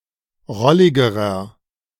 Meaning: inflection of rollig: 1. strong/mixed nominative masculine singular comparative degree 2. strong genitive/dative feminine singular comparative degree 3. strong genitive plural comparative degree
- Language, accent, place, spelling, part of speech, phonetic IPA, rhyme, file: German, Germany, Berlin, rolligerer, adjective, [ˈʁɔlɪɡəʁɐ], -ɔlɪɡəʁɐ, De-rolligerer.ogg